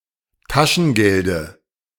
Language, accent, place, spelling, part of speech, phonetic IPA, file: German, Germany, Berlin, Taschengelde, noun, [ˈtaʃn̩ˌɡɛldə], De-Taschengelde.ogg
- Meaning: dative of Taschengeld